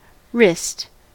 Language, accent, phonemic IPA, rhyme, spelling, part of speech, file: English, US, /ɹɪst/, -ɪst, wrist, noun / verb, En-us-wrist.ogg
- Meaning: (noun) 1. The complex joint between forearm bones, carpus, and metacarpals where the hand is attached to the arm; the carpus in a narrow sense 2. A stud or pin which forms a journal